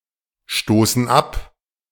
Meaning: inflection of abstoßen: 1. first/third-person plural present 2. first/third-person plural subjunctive I
- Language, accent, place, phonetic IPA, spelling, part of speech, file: German, Germany, Berlin, [ˌʃtoːsn̩ ˈap], stoßen ab, verb, De-stoßen ab.ogg